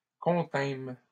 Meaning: first-person plural past historic of contenir
- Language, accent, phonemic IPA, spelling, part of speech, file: French, Canada, /kɔ̃.tɛ̃m/, contînmes, verb, LL-Q150 (fra)-contînmes.wav